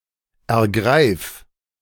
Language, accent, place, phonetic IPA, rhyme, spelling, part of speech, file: German, Germany, Berlin, [ɛɐ̯ˈɡʁaɪ̯f], -aɪ̯f, ergreif, verb, De-ergreif.ogg
- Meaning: singular imperative of ergreifen